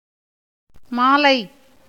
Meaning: 1. garland, wreath of flowers 2. necklace, string of jewels, beads, etc 3. line, row 4. evening 5. accusative singular of மால் (māl)
- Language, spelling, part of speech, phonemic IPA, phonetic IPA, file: Tamil, மாலை, noun, /mɑːlɐɪ̯/, [mäːlɐɪ̯], Ta-மாலை.ogg